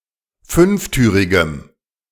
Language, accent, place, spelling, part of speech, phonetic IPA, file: German, Germany, Berlin, fünftürigem, adjective, [ˈfʏnfˌtyːʁɪɡəm], De-fünftürigem.ogg
- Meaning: strong dative masculine/neuter singular of fünftürig